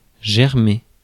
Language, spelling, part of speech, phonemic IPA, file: French, germer, verb, /ʒɛʁ.me/, Fr-germer.ogg
- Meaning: to germinate